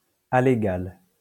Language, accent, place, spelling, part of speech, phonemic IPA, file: French, France, Lyon, alégal, adjective, /a.le.ɡal/, LL-Q150 (fra)-alégal.wav
- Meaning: alegal